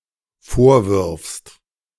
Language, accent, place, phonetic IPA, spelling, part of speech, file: German, Germany, Berlin, [ˈfoːɐ̯ˌvɪʁfst], vorwirfst, verb, De-vorwirfst.ogg
- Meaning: second-person singular dependent present of vorwerfen